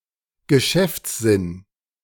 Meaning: business savvy, business sense, business acumen
- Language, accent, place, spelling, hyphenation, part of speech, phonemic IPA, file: German, Germany, Berlin, Geschäftssinn, Ge‧schäfts‧sinn, noun, /ɡəˈʃɛft͡sˌzɪn/, De-Geschäftssinn.ogg